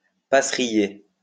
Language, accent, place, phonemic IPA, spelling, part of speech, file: French, France, Lyon, /pa.sʁi.je/, passeriller, verb, LL-Q150 (fra)-passeriller.wav
- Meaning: to dry bunches of grapes by exposing them to the sun prior to winemaking